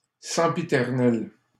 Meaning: sempiternal, constant, never-ending, everlasting
- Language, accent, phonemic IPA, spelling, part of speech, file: French, Canada, /sɑ̃.pi.tɛʁ.nɛl/, sempiternel, adjective, LL-Q150 (fra)-sempiternel.wav